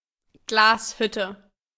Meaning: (noun) A factory that produces glass; glassworks; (proper noun) 1. a town in Sächsische Schweiz-Osterzgebirge district, Saxony 2. name of several villages across Germany
- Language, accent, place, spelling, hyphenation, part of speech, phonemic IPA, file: German, Germany, Berlin, Glashütte, Glas‧hüt‧te, noun / proper noun, /ˈɡlaːsˌhʏtə/, De-Glashütte.ogg